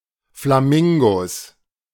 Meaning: 1. genitive singular of Flamingo 2. plural of Flamingo
- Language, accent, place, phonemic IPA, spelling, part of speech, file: German, Germany, Berlin, /flaˈmɪŋɡos/, Flamingos, noun, De-Flamingos.ogg